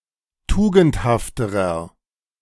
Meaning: inflection of tugendhaft: 1. strong/mixed nominative masculine singular comparative degree 2. strong genitive/dative feminine singular comparative degree 3. strong genitive plural comparative degree
- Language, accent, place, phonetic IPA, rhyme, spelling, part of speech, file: German, Germany, Berlin, [ˈtuːɡn̩thaftəʁɐ], -uːɡn̩thaftəʁɐ, tugendhafterer, adjective, De-tugendhafterer.ogg